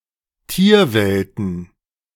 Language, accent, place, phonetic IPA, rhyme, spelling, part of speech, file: German, Germany, Berlin, [ˈtiːɐ̯ˌvɛltn̩], -iːɐ̯vɛltn̩, Tierwelten, noun, De-Tierwelten.ogg
- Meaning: plural of Tierwelt